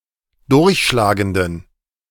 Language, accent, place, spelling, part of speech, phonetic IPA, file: German, Germany, Berlin, durchschlagenden, adjective, [ˈdʊʁçʃlaːɡəndn̩], De-durchschlagenden.ogg
- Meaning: inflection of durchschlagend: 1. strong genitive masculine/neuter singular 2. weak/mixed genitive/dative all-gender singular 3. strong/weak/mixed accusative masculine singular 4. strong dative plural